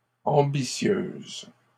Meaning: feminine plural of ambitieux
- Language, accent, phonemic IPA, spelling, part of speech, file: French, Canada, /ɑ̃.bi.sjøz/, ambitieuses, adjective, LL-Q150 (fra)-ambitieuses.wav